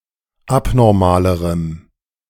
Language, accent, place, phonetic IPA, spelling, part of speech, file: German, Germany, Berlin, [ˈapnɔʁmaːləʁəm], abnormalerem, adjective, De-abnormalerem.ogg
- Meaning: strong dative masculine/neuter singular comparative degree of abnormal